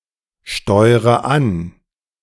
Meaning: inflection of ansteuern: 1. first-person singular present 2. first/third-person singular subjunctive I 3. singular imperative
- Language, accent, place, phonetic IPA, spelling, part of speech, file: German, Germany, Berlin, [ˌʃtɔɪ̯ʁə ˈan], steure an, verb, De-steure an.ogg